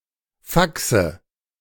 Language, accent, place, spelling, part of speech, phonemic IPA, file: German, Germany, Berlin, Faxe, noun, /ˈfaksə/, De-Faxe.ogg
- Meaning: 1. shenanigan, nonsense 2. nominative/accusative/genitive plural of Fax